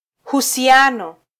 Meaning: alternative form of uhusiano
- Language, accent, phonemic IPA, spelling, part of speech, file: Swahili, Kenya, /hu.siˈɑ.nɔ/, husiano, noun, Sw-ke-husiano.flac